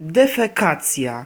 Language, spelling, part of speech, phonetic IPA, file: Polish, defekacja, noun, [ˌdɛfɛˈkat͡sʲja], Pl-defekacja.ogg